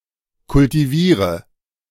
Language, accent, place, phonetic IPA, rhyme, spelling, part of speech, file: German, Germany, Berlin, [kʊltiˈviːʁə], -iːʁə, kultiviere, verb, De-kultiviere.ogg
- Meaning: inflection of kultivieren: 1. first-person singular present 2. singular imperative 3. first/third-person singular subjunctive I